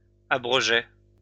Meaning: third-person plural imperfect indicative of abroger
- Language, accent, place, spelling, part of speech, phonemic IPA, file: French, France, Lyon, abrogeaient, verb, /a.bʁɔ.ʒɛ/, LL-Q150 (fra)-abrogeaient.wav